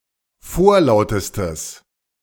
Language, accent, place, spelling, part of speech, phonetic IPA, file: German, Germany, Berlin, vorlautestes, adjective, [ˈfoːɐ̯ˌlaʊ̯təstəs], De-vorlautestes.ogg
- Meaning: strong/mixed nominative/accusative neuter singular superlative degree of vorlaut